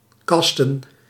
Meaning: 1. to cast (assign performing parts in a production) 2. to cast (broadcast over the Internet or a local network)
- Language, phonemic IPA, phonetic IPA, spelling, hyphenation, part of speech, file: Dutch, /ˈkɑstə(n)/, [ˈkɑːstə(n)], casten, cas‧ten, verb, Nl-casten.ogg